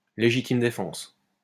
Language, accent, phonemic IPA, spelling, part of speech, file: French, France, /le.ʒi.tim de.fɑ̃s/, légitime défense, noun, LL-Q150 (fra)-légitime défense.wav
- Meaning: self-defense (right to protect oneself against violence by using reasonable force)